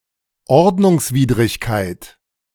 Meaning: infraction, contravention (an illegal but non-criminal deed, often subject to a civil penalty, e.g. speeding)
- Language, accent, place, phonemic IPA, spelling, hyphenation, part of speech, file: German, Germany, Berlin, /ˈɔrdnʊŋsˌviːdrɪçkaɪ̯t/, Ordnungswidrigkeit, Ord‧nungs‧wid‧rig‧keit, noun, De-Ordnungswidrigkeit.ogg